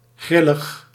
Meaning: 1. capricious, impulsive 2. unusual, irregular, strange
- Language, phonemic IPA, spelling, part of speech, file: Dutch, /ˈɣrɪləx/, grillig, adjective, Nl-grillig.ogg